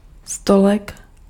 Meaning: diminutive of stůl
- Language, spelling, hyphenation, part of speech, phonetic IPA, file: Czech, stolek, sto‧lek, noun, [ˈstolɛk], Cs-stolek.ogg